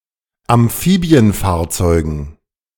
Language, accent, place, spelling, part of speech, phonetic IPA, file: German, Germany, Berlin, Amphibienfahrzeugen, noun, [amˈfiːbi̯ənˌfaːɐ̯t͡sɔɪ̯ɡn̩], De-Amphibienfahrzeugen.ogg
- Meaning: dative plural of Amphibienfahrzeug